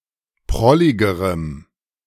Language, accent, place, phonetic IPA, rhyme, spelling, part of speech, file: German, Germany, Berlin, [ˈpʁɔlɪɡəʁəm], -ɔlɪɡəʁəm, prolligerem, adjective, De-prolligerem.ogg
- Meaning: strong dative masculine/neuter singular comparative degree of prollig